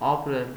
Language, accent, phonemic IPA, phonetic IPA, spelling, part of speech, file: Armenian, Eastern Armenian, /ɑpˈɾel/, [ɑpɾél], ապրել, verb, Hy-ապրել.ogg
- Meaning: 1. to live 2. to exist 3. to reside, to stay